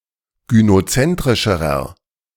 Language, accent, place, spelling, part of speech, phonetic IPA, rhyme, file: German, Germany, Berlin, gynozentrischerer, adjective, [ɡynoˈt͡sɛntʁɪʃəʁɐ], -ɛntʁɪʃəʁɐ, De-gynozentrischerer.ogg
- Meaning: inflection of gynozentrisch: 1. strong/mixed nominative masculine singular comparative degree 2. strong genitive/dative feminine singular comparative degree